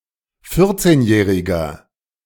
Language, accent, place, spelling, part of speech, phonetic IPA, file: German, Germany, Berlin, vierzehnjähriger, adjective, [ˈfɪʁt͡seːnˌjɛːʁɪɡɐ], De-vierzehnjähriger.ogg
- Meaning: inflection of vierzehnjährig: 1. strong/mixed nominative masculine singular 2. strong genitive/dative feminine singular 3. strong genitive plural